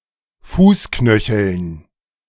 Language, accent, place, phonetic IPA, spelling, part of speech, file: German, Germany, Berlin, [ˈfuːsˌknœçl̩n], Fußknöcheln, noun, De-Fußknöcheln.ogg
- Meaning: dative plural of Fußknöchel